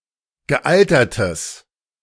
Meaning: strong/mixed nominative/accusative neuter singular of gealtert
- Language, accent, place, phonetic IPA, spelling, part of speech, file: German, Germany, Berlin, [ɡəˈʔaltɐtəs], gealtertes, adjective, De-gealtertes.ogg